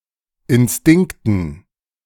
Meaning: dative plural of Instinkt
- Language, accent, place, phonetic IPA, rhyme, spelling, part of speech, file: German, Germany, Berlin, [ɪnˈstɪŋktn̩], -ɪŋktn̩, Instinkten, noun, De-Instinkten.ogg